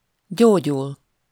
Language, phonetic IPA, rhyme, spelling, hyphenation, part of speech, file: Hungarian, [ˈɟoːɟul], -ul, gyógyul, gyó‧gyul, verb, Hu-gyógyul.ogg
- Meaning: to recover, heal